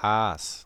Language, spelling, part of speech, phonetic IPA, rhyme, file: German, As, noun, [aːs], -aːs, De-As.ogg
- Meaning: 1. as, a unit and a Roman coin 2. ace, a playing card 3. A-flat 4. plural of A